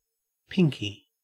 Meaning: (adjective) Pinkish; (noun) 1. Methylated spirits mixed with red wine or Condy's crystals 2. A baby mouse, especially when used as food for a snake, etc 3. A white person
- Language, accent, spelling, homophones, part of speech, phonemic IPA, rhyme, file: English, Australia, pinky, pinkie, adjective / noun, /ˈpɪŋki/, -ɪŋki, En-au-pinky.ogg